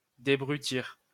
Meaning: "to clear off the rough; to polish (gems)"
- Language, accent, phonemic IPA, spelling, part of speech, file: French, France, /de.bʁy.tiʁ/, débrutir, verb, LL-Q150 (fra)-débrutir.wav